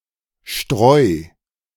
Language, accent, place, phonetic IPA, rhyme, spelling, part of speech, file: German, Germany, Berlin, [ʃtʁɔɪ̯], -ɔɪ̯, Streu, noun, De-Streu.ogg
- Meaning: litter; mulch (bedding for animals)